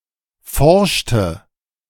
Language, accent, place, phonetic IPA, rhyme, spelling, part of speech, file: German, Germany, Berlin, [ˈfɔʁʃtə], -ɔʁʃtə, forschte, verb, De-forschte.ogg
- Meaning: inflection of forschen: 1. first/third-person singular preterite 2. first/third-person singular subjunctive II